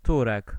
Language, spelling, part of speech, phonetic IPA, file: Polish, Turek, noun / proper noun, [ˈturɛk], Pl-Turek.ogg